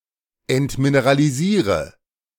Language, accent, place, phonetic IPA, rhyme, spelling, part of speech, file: German, Germany, Berlin, [ɛntmineʁaliˈziːʁə], -iːʁə, entmineralisiere, verb, De-entmineralisiere.ogg
- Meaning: inflection of entmineralisieren: 1. first-person singular present 2. first/third-person singular subjunctive I 3. singular imperative